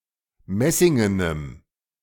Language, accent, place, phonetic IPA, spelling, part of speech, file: German, Germany, Berlin, [ˈmɛsɪŋənəm], messingenem, adjective, De-messingenem.ogg
- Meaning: strong dative masculine/neuter singular of messingen